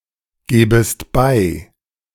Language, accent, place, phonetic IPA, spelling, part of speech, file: German, Germany, Berlin, [ˌɡeːbəst ˈbaɪ̯], gebest bei, verb, De-gebest bei.ogg
- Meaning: second-person singular subjunctive I of beigeben